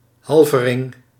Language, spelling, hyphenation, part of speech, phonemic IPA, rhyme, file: Dutch, halvering, hal‧ve‧ring, noun, /ˌɦɑlˈveː.rɪŋ/, -eːrɪŋ, Nl-halvering.ogg
- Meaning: an act or process of halving